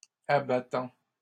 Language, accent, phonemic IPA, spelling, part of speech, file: French, Canada, /a.ba.tɑ̃/, abattant, adjective / noun / verb, LL-Q150 (fra)-abattant.wav
- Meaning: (adjective) flat and articulated so it can move from a horizontal to a vertical position; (noun) 1. a lid or flap which can move from a horizontal to a vertical position 2. a toilet lid